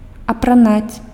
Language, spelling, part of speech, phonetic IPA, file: Belarusian, апранаць, verb, [apraˈnat͡sʲ], Be-апранаць.ogg
- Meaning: to dress (another person, etc.), to clothe